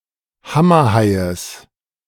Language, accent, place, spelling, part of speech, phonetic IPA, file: German, Germany, Berlin, Hammerhaies, noun, [ˈhamɐˌhaɪ̯əs], De-Hammerhaies.ogg
- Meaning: genitive singular of Hammerhai